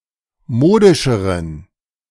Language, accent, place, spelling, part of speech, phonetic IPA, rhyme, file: German, Germany, Berlin, modischeren, adjective, [ˈmoːdɪʃəʁən], -oːdɪʃəʁən, De-modischeren.ogg
- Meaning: inflection of modisch: 1. strong genitive masculine/neuter singular comparative degree 2. weak/mixed genitive/dative all-gender singular comparative degree